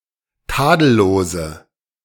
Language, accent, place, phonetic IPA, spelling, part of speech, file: German, Germany, Berlin, [ˈtaːdl̩loːzə], tadellose, adjective, De-tadellose.ogg
- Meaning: inflection of tadellos: 1. strong/mixed nominative/accusative feminine singular 2. strong nominative/accusative plural 3. weak nominative all-gender singular